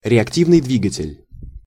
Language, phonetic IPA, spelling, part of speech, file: Russian, [rʲɪɐkˈtʲivnɨj ˈdvʲiɡətʲɪlʲ], реактивный двигатель, noun, Ru-реактивный двигатель.ogg
- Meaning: 1. reaction engine 2. jet engine